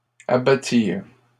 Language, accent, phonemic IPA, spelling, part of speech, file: French, Canada, /a.ba.tiʁ/, abattirent, verb, LL-Q150 (fra)-abattirent.wav
- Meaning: third-person plural past historic of abattre